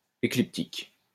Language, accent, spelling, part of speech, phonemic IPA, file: French, France, écliptique, adjective / noun, /e.klip.tik/, LL-Q150 (fra)-écliptique.wav
- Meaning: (adjective) ecliptic, ecliptical; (noun) ecliptic